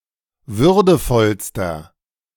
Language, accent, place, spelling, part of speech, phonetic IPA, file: German, Germany, Berlin, würdevollster, adjective, [ˈvʏʁdəfɔlstɐ], De-würdevollster.ogg
- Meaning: inflection of würdevoll: 1. strong/mixed nominative masculine singular superlative degree 2. strong genitive/dative feminine singular superlative degree 3. strong genitive plural superlative degree